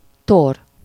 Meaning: 1. meal, repast, feast (ceremonial meal held after weddings, funerals, or other special occasions) 2. thorax (of an arthropod)
- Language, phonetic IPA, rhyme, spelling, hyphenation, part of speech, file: Hungarian, [ˈtor], -or, tor, tor, noun, Hu-tor.ogg